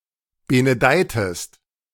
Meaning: inflection of benedeien: 1. second-person singular preterite 2. second-person singular subjunctive II
- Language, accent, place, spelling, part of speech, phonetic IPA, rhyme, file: German, Germany, Berlin, benedeitest, verb, [ˌbenəˈdaɪ̯təst], -aɪ̯təst, De-benedeitest.ogg